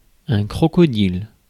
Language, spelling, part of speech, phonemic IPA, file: French, crocodile, noun, /kʁɔ.kɔ.dil/, Fr-crocodile.ogg
- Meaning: crocodile